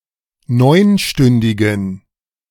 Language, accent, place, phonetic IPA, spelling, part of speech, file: German, Germany, Berlin, [ˈnɔɪ̯nˌʃtʏndɪɡn̩], neunstündigen, adjective, De-neunstündigen.ogg
- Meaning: inflection of neunstündig: 1. strong genitive masculine/neuter singular 2. weak/mixed genitive/dative all-gender singular 3. strong/weak/mixed accusative masculine singular 4. strong dative plural